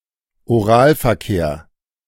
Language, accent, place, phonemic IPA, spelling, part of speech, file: German, Germany, Berlin, /oˈʁaːlfɛɐ̯ˌkeːɐ̯/, Oralverkehr, noun, De-Oralverkehr.ogg
- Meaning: oral sex (stimulation of the genitals using the mouth)